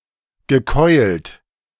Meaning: past participle of keulen
- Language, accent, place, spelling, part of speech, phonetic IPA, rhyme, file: German, Germany, Berlin, gekeult, verb, [ɡəˈkɔɪ̯lt], -ɔɪ̯lt, De-gekeult.ogg